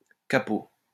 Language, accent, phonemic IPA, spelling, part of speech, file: French, France, /ka.po/, kapo, noun, LL-Q150 (fra)-kapo.wav
- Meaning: kapo